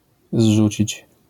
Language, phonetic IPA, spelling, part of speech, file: Polish, [ˈzʒut͡ɕit͡ɕ], zrzucić, verb, LL-Q809 (pol)-zrzucić.wav